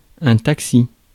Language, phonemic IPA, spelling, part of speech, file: French, /tak.si/, taxi, noun, Fr-taxi.ogg
- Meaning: 1. taxi 2. taxi driver 3. helicopter or plane used for transport 4. act of transporting troops